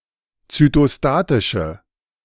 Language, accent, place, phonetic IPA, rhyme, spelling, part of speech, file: German, Germany, Berlin, [t͡sytoˈstaːtɪʃə], -aːtɪʃə, zytostatische, adjective, De-zytostatische.ogg
- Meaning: inflection of zytostatisch: 1. strong/mixed nominative/accusative feminine singular 2. strong nominative/accusative plural 3. weak nominative all-gender singular